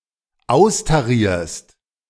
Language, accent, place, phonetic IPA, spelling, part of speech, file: German, Germany, Berlin, [ˈaʊ̯staˌʁiːɐ̯st], austarierst, verb, De-austarierst.ogg
- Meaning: second-person singular dependent present of austarieren